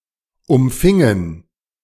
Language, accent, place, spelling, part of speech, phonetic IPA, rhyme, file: German, Germany, Berlin, umfingen, verb, [ʊmˈfɪŋən], -ɪŋən, De-umfingen.ogg
- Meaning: inflection of umfangen: 1. first/third-person plural preterite 2. first/third-person plural subjunctive II